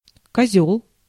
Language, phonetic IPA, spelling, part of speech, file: Russian, [kɐˈzʲɵɫ], козёл, noun, Ru-козёл.ogg
- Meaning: 1. goat, he-goat, billygoat 2. idiot, blockhead; jerk, bastard, ass 3. an inmate who is an informer and collaborates with authorities 4. homosexual (usually passive) 5. game of dominoes